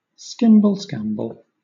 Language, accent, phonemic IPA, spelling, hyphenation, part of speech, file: English, Southern England, /ˈskɪmb(ə)lˌskæmb(ə)l/, skimble-skamble, skim‧ble-skam‧ble, adjective / noun, LL-Q1860 (eng)-skimble-skamble.wav
- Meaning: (adjective) Confused, chaotic, disorderly, senseless; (noun) Gibberish, mumbo-jumbo, nonsense